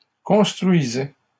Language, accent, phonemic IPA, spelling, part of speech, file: French, Canada, /kɔ̃s.tʁɥi.zɛ/, construisais, verb, LL-Q150 (fra)-construisais.wav
- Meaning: first/second-person singular imperfect indicative of construire